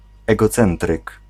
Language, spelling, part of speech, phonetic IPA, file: Polish, egocentryk, noun, [ˌɛɡɔˈt͡sɛ̃ntrɨk], Pl-egocentryk.ogg